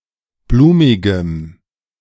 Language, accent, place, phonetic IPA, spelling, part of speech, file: German, Germany, Berlin, [ˈbluːmɪɡəm], blumigem, adjective, De-blumigem.ogg
- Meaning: strong dative masculine/neuter singular of blumig